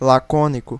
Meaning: 1. laconic (using as few words as possible) 2. synonym of lacedemônio (“Lacedaemonian, Laconian”)
- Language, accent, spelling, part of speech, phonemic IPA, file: Portuguese, Brazil, lacônico, adjective, /laˈkõ.ni.ku/, Pt-br-lacônico.ogg